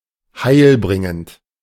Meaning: beneficial
- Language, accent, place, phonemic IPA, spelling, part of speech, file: German, Germany, Berlin, /ˈhaɪ̯lˌbʁɪŋənt/, heilbringend, adjective, De-heilbringend.ogg